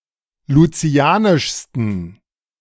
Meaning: 1. superlative degree of lucianisch 2. inflection of lucianisch: strong genitive masculine/neuter singular superlative degree
- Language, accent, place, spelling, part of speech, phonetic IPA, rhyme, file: German, Germany, Berlin, lucianischsten, adjective, [luˈt͡si̯aːnɪʃstn̩], -aːnɪʃstn̩, De-lucianischsten.ogg